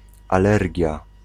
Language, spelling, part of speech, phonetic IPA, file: Polish, alergia, noun, [aˈlɛrʲɟja], Pl-alergia.ogg